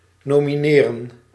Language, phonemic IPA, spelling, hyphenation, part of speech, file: Dutch, /ˌnoː.miˈneː.rə(n)/, nomineren, no‧mi‧ne‧ren, verb, Nl-nomineren.ogg
- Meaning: to nominate